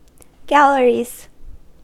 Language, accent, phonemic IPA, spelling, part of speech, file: English, US, /ˈɡæl.ɚ.iz/, galleries, noun, En-us-galleries.ogg
- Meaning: plural of gallery